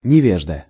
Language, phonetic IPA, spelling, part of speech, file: Russian, [nʲɪˈvʲeʐdə], невежда, noun, Ru-невежда.ogg
- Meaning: ignoramus